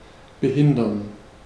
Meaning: to hinder, to impede, to obstruct
- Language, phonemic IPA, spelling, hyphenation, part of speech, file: German, /bəˈhɪndɐn/, behindern, be‧hin‧dern, verb, De-behindern.ogg